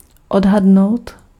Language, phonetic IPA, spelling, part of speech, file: Czech, [ˈodɦadnou̯t], odhadnout, verb, Cs-odhadnout.ogg
- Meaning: to estimate